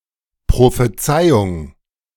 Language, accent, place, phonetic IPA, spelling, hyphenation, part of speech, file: German, Germany, Berlin, [pʁofeˈt͡saɪ̯ʊŋ], Prophezeiung, Pro‧phe‧zei‧ung, noun, De-Prophezeiung.ogg
- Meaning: prophecy